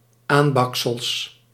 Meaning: plural of aanbaksel
- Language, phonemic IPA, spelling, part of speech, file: Dutch, /ˈambɑksəls/, aanbaksels, noun, Nl-aanbaksels.ogg